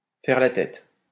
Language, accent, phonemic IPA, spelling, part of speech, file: French, France, /fɛʁ la tɛt/, faire la tête, verb, LL-Q150 (fra)-faire la tête.wav
- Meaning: to sulk, to pout, to be in a huff